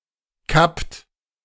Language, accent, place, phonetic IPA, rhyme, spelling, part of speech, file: German, Germany, Berlin, [kapt], -apt, kappt, verb, De-kappt.ogg
- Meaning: inflection of kappen: 1. second-person plural present 2. third-person singular present 3. plural imperative